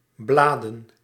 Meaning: plural of blad
- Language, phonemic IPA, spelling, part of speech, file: Dutch, /ˈbladə(n)/, bladen, noun, Nl-bladen.ogg